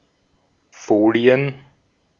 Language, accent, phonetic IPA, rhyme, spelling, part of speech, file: German, Austria, [ˈfoːli̯ən], -oːli̯ən, Folien, noun, De-at-Folien.ogg
- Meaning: plural of Folie